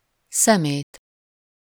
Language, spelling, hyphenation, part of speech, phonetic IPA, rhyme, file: Hungarian, szemét, sze‧mét, noun / adjective, [ˈsɛmeːt], -eːt, Hu-szemét.ogg
- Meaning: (noun) 1. sweepings, litter (collectively, items discarded on the ground) 2. garbage, rubbish, waste, trash 3. bastard; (adjective) mean, base, vile, despicable; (noun) accusative of szeme